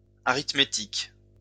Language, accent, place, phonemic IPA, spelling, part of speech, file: French, France, Lyon, /a.ʁit.me.tik/, arithmétiques, noun, LL-Q150 (fra)-arithmétiques.wav
- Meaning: plural of arithmétique